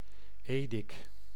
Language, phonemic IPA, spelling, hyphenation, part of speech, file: Dutch, /ˈeː.dɪk/, edik, edik, noun, Nl-edik.ogg
- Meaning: vinegar, especially dilute vinegar used as a drink